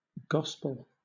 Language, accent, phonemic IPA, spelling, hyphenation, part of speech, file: English, Southern England, /ˈɡɒspəl/, gospel, gos‧pel, noun / verb, LL-Q1860 (eng)-gospel.wav
- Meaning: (noun) The first section of the Christian New Testament scripture, comprising the books of Matthew, Mark, Luke and John, concerned with the birth, ministry, passion, and resurrection of Jesus